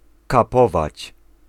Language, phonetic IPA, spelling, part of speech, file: Polish, [kaˈpɔvat͡ɕ], kapować, verb, Pl-kapować.ogg